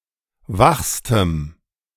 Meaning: strong dative masculine/neuter singular superlative degree of wach
- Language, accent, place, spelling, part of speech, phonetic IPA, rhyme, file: German, Germany, Berlin, wachstem, adjective, [ˈvaxstəm], -axstəm, De-wachstem.ogg